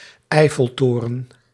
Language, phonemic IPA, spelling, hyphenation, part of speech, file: Dutch, /ˈɛi̯.fəlˌtoː.rə(n)/, Eiffeltoren, Eif‧fel‧to‧ren, proper noun, Nl-Eiffeltoren.ogg
- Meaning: Eiffel Tower